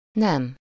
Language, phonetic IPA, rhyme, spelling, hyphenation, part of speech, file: Hungarian, [ˈnɛm], -ɛm, nem, nem, adverb / interjection / noun, Hu-nem.ogg
- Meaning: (adverb) no, not; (noun) 1. no (a negative answer) 2. sex 3. gender; short for társadalmi nem, which distinguishes gender as opposed to sex 4. gender (division of nouns and pronouns)